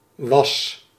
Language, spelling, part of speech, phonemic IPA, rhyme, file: Dutch, was, verb / noun, /ʋɑs/, -ɑs, Nl-was.ogg
- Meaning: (verb) 1. singular past indicative of zijn 2. singular past indicative of wezen; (noun) wash, washing, laundry (act of cleaning with water)